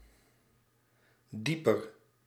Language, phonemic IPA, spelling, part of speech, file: Dutch, /ˈdipər/, dieper, adjective, Nl-dieper.ogg
- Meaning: comparative degree of diep